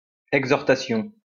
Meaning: an exhortation
- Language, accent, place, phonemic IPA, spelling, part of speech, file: French, France, Lyon, /ɛɡ.zɔʁ.ta.sjɔ̃/, exhortation, noun, LL-Q150 (fra)-exhortation.wav